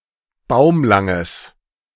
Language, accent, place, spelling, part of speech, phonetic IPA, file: German, Germany, Berlin, baumlanges, adjective, [ˈbaʊ̯mlaŋəs], De-baumlanges.ogg
- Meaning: strong/mixed nominative/accusative neuter singular of baumlang